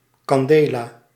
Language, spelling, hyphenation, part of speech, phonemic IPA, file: Dutch, candela, can‧de‧la, noun, /ˌkɑnˈdeː.laː/, Nl-candela.ogg
- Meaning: candela